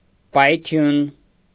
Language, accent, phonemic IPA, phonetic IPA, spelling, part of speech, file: Armenian, Eastern Armenian, /pɑjˈtʰjun/, [pɑjtʰjún], պայթյուն, noun, Hy-պայթյուն.ogg
- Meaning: explosion, blast, burst